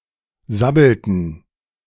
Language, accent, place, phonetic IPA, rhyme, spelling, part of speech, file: German, Germany, Berlin, [ˈzabl̩tn̩], -abl̩tn̩, sabbelten, verb, De-sabbelten.ogg
- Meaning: inflection of sabbeln: 1. first/third-person plural preterite 2. first/third-person plural subjunctive II